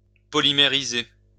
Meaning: to polymerize
- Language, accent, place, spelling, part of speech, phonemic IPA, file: French, France, Lyon, polymériser, verb, /pɔ.li.me.ʁi.ze/, LL-Q150 (fra)-polymériser.wav